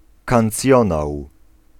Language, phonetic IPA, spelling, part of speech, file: Polish, [kãnˈt͡sʲjɔ̃naw], kancjonał, noun, Pl-kancjonał.ogg